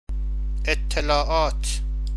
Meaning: 1. plural of اِطِّلَاع (ittilā' /ettelâ') 2. information, data 3. intelligence
- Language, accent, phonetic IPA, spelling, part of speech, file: Persian, Iran, [ʔet̪ʰ.t̪ʰe.lɒː.ʔɒ́ːt̪ʰ], اطلاعات, noun, Fa-اطلاعات.ogg